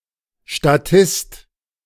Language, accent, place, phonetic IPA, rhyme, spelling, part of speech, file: German, Germany, Berlin, [ʃtaˈtɪst], -ɪst, Statist, noun, De-Statist.ogg
- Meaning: 1. extra, walk-on (background actor) 2. statesman, a (worldly-wise or scheming) politician